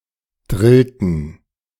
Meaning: inflection of drillen: 1. first/third-person plural preterite 2. first/third-person plural subjunctive II
- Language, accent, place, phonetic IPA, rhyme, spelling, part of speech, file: German, Germany, Berlin, [ˈdʁɪltn̩], -ɪltn̩, drillten, verb, De-drillten.ogg